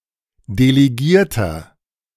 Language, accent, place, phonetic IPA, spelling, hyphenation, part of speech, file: German, Germany, Berlin, [deleˈɡiːɐ̯tɐ], Delegierter, De‧le‧gier‧ter, noun, De-Delegierter.ogg
- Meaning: 1. delegate, representative (male or of unspecified gender) 2. inflection of Delegierte: strong genitive/dative singular 3. inflection of Delegierte: strong genitive plural